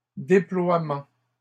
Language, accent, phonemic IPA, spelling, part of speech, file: French, Canada, /de.plwa.mɑ̃/, déploiements, noun, LL-Q150 (fra)-déploiements.wav
- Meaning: plural of déploiement